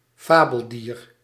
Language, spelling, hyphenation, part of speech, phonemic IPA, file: Dutch, fabeldier, fa‧bel‧dier, noun, /ˈfaː.bəlˌdiːr/, Nl-fabeldier.ogg
- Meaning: mythical, legendary or otherwise imaginary animal